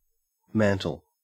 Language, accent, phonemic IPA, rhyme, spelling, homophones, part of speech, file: English, Australia, /ˈmæn.təl/, -æntəl, mantle, mantel, noun / verb, En-au-mantle.ogg
- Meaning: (noun) 1. A piece of clothing somewhat like an open robe or cloak, especially that worn by Orthodox bishops 2. A figurative garment representing authority or status, capable of affording protection